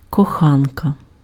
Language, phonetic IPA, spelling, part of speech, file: Ukrainian, [kɔˈxankɐ], коханка, noun, Uk-коханка.ogg
- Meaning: 1. female equivalent of коха́нець (koxánecʹ): lover 2. mistress (other woman in an extramarital relationship) 3. genitive/accusative singular of коха́нок (koxánok)